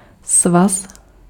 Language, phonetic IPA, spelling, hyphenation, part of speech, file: Czech, [ˈsvas], svaz, svaz, noun, Cs-svaz.ogg
- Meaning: 1. union (confederation; union of human organizations) 2. lattice